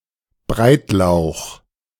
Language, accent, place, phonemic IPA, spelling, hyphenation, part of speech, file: German, Germany, Berlin, /ˈbʁaɪ̯tˌlaʊ̯x/, Breitlauch, Breit‧lauch, noun / proper noun, De-Breitlauch.ogg
- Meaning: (noun) leek; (proper noun) a surname